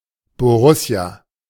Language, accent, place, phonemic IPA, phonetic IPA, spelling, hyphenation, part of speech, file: German, Germany, Berlin, /boˈrʊsi̯a/, [boˈʁʊsi̯a], Borussia, Bo‧rus‧sia, proper noun, De-Borussia.ogg
- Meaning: 1. Borussia (national personification of Prussia) 2. ellipsis of Borussia Mönchengladbach, football club in Germany 3. ellipsis of Borussia Dortmund, football club in Germany